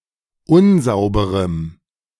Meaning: strong dative masculine/neuter singular of unsauber
- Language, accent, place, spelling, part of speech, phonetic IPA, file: German, Germany, Berlin, unsauberem, adjective, [ˈʊnˌzaʊ̯bəʁəm], De-unsauberem.ogg